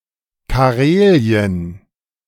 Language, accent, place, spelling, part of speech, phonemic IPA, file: German, Germany, Berlin, Karelien, proper noun, /kaˈʁeːli̯ən/, De-Karelien.ogg
- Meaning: 1. Karelia (a historical region of Northern Europe, located to the north of Saint Petersburg and politically split between Russia and Finland) 2. Karelia (a republic and federal subject of Russia)